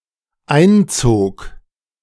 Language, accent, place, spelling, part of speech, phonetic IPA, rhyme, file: German, Germany, Berlin, einzog, verb, [ˈaɪ̯nˌt͡soːk], -aɪ̯nt͡soːk, De-einzog.ogg
- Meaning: first/third-person singular dependent preterite of einziehen